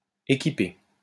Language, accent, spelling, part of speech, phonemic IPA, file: French, France, équipé, verb, /e.ki.pe/, LL-Q150 (fra)-équipé.wav
- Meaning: past participle of équiper